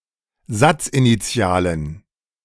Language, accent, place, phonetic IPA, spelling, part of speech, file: German, Germany, Berlin, [ˈzat͡sʔiniˌt͡si̯aːlən], satzinitialen, adjective, De-satzinitialen.ogg
- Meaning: inflection of satzinitial: 1. strong genitive masculine/neuter singular 2. weak/mixed genitive/dative all-gender singular 3. strong/weak/mixed accusative masculine singular 4. strong dative plural